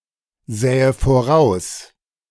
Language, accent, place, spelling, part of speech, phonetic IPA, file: German, Germany, Berlin, sähe voraus, verb, [ˌzɛːə foˈʁaʊ̯s], De-sähe voraus.ogg
- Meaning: first/third-person singular subjunctive II of voraussehen